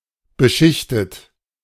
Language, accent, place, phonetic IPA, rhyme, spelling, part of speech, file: German, Germany, Berlin, [bəˈʃɪçtət], -ɪçtət, beschichtet, verb, De-beschichtet.ogg
- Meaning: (verb) past participle of beschichten; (adjective) 1. coated 2. laminated